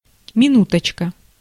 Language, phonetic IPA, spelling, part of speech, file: Russian, [mʲɪˈnutət͡ɕkə], минуточка, noun, Ru-минуточка.ogg
- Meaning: diminutive of мину́тка (minútka), diminutive of мину́та (minúta): minute, (short) moment